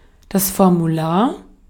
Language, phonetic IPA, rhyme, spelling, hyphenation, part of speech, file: German, [fɔʁmuˈlaːɐ̯], -aːɐ̯, Formular, For‧mu‧lar, noun, De-at-Formular.ogg
- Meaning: form (document to be filled)